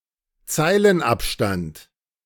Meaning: leading (the space between baselines)
- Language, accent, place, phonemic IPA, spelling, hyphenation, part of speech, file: German, Germany, Berlin, /ˈt͡saɪ̯lənˌʔapʃtant/, Zeilenabstand, Zei‧len‧ab‧stand, noun, De-Zeilenabstand.ogg